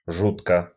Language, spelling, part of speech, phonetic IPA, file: Russian, жутко, adverb / adjective, [ˈʐutkə], Ru-жутко.ogg
- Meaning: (adverb) 1. frighteningly 2. terribly, extremely (as an intensifier); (adjective) 1. one is terrified 2. it is frightening 3. short neuter singular of жу́ткий (žútkij)